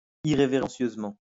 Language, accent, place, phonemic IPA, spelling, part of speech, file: French, France, Lyon, /i.ʁe.ve.ʁɑ̃.sjøz.mɑ̃/, irrévérencieusement, adverb, LL-Q150 (fra)-irrévérencieusement.wav
- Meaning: irreverently